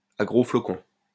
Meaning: heavily, in large flakes
- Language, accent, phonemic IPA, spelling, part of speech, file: French, France, /a ɡʁo flɔ.kɔ̃/, à gros flocons, adverb, LL-Q150 (fra)-à gros flocons.wav